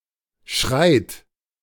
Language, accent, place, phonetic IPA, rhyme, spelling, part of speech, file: German, Germany, Berlin, [ʃʁaɪ̯t], -aɪ̯t, schreit, verb, De-schreit.ogg
- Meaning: 1. inflection of schreien: third-person singular present 2. inflection of schreien: plural imperative 3. singular imperative of schreiten